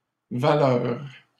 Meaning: plural of valeur
- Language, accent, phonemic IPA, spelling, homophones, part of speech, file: French, Canada, /va.lœʁ/, valeurs, valeur, noun, LL-Q150 (fra)-valeurs.wav